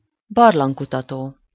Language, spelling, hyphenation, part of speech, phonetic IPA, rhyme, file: Hungarian, barlangkutató, bar‧lang‧ku‧ta‧tó, noun, [ˈbɒrlɒŋkutɒtoː], -toː, Hu-barlangkutató.ogg
- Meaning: speleologist